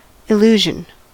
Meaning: 1. A distortion of sensory perception where real stimuli lead to a false or misleading impression of reality 2. A misapprehension; a belief in something that is in fact not true 3. A magician’s trick
- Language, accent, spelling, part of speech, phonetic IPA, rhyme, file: English, US, illusion, noun, [ɪˈluː.ʒən], -uːʒən, En-us-illusion.ogg